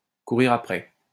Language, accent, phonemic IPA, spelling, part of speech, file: French, France, /ku.ʁiʁ a.pʁɛ/, courir après, verb, LL-Q150 (fra)-courir après.wav
- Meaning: to chase, to pursue, to chase after (somebody)